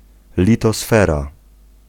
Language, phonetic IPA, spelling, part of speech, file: Polish, [ˌlʲitɔˈsfɛra], litosfera, noun, Pl-litosfera.ogg